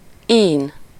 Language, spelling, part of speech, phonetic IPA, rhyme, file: Hungarian, ín, noun, [ˈiːn], -iːn, Hu-ín.ogg
- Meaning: 1. tendon, sinew 2. slave